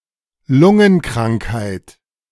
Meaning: lung disease
- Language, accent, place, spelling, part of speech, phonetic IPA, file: German, Germany, Berlin, Lungenkrankheit, noun, [ˈlʊŋənˌkʁaŋkhaɪ̯t], De-Lungenkrankheit.ogg